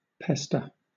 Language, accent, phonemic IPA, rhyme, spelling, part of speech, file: English, Southern England, /ˈpɛstə(ɹ)/, -ɛstə(ɹ), pester, verb / noun, LL-Q1860 (eng)-pester.wav
- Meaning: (verb) 1. To bother, harass, or annoy persistently 2. To crowd together thickly; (noun) A bother or nuisance